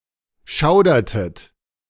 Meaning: inflection of schaudern: 1. second-person plural preterite 2. second-person plural subjunctive II
- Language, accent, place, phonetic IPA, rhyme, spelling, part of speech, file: German, Germany, Berlin, [ˈʃaʊ̯dɐtət], -aʊ̯dɐtət, schaudertet, verb, De-schaudertet.ogg